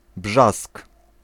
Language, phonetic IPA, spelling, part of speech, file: Polish, [bʒask], brzask, noun, Pl-brzask.ogg